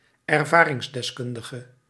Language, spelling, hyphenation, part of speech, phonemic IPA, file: Dutch, ervaringsdeskundige, er‧va‧rings‧des‧kun‧di‧ge, noun, /ɛrˈvaː.rɪŋs.dɛsˌkʏn.də.ɣə/, Nl-ervaringsdeskundige.ogg
- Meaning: one who is experienced or familiar with something through personal experience